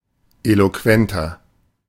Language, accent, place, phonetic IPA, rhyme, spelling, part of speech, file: German, Germany, Berlin, [ˌeloˈkvɛntɐ], -ɛntɐ, eloquenter, adjective, De-eloquenter.ogg
- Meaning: 1. comparative degree of eloquent 2. inflection of eloquent: strong/mixed nominative masculine singular 3. inflection of eloquent: strong genitive/dative feminine singular